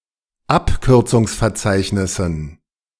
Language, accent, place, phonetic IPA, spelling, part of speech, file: German, Germany, Berlin, [ˈapkʏʁt͡sʊŋsfɛɐ̯ˌt͡saɪ̯çnɪsn̩], Abkürzungsverzeichnissen, noun, De-Abkürzungsverzeichnissen.ogg
- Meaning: dative plural of Abkürzungsverzeichnis